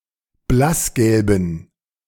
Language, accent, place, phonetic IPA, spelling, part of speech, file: German, Germany, Berlin, [ˈblasˌɡɛlbn̩], blassgelben, adjective, De-blassgelben.ogg
- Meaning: inflection of blassgelb: 1. strong genitive masculine/neuter singular 2. weak/mixed genitive/dative all-gender singular 3. strong/weak/mixed accusative masculine singular 4. strong dative plural